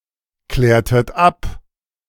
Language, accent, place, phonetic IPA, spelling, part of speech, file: German, Germany, Berlin, [ˌklɛːɐ̯tət ˈap], klärtet ab, verb, De-klärtet ab.ogg
- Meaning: inflection of abklären: 1. second-person plural preterite 2. second-person plural subjunctive II